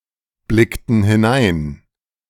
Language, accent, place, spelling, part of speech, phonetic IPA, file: German, Germany, Berlin, blickten hinein, verb, [ˌblɪktn̩ hɪˈnaɪ̯n], De-blickten hinein.ogg
- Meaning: inflection of hineinblicken: 1. first/third-person plural preterite 2. first/third-person plural subjunctive II